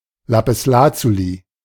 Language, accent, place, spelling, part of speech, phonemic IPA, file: German, Germany, Berlin, Lapislazuli, noun, /lapɪsˈlaːtsuli/, De-Lapislazuli.ogg
- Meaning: lapis lazuli